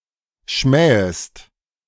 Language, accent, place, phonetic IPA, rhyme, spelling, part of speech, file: German, Germany, Berlin, [ˈʃmɛːəst], -ɛːəst, schmähest, verb, De-schmähest.ogg
- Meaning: second-person singular subjunctive I of schmähen